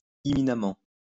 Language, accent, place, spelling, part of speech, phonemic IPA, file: French, France, Lyon, imminemment, adverb, /i.mi.na.mɑ̃/, LL-Q150 (fra)-imminemment.wav
- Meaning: imminently